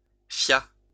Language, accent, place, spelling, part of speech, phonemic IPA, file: French, France, Lyon, fia, verb, /fja/, LL-Q150 (fra)-fia.wav
- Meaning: third-person singular past historic of fier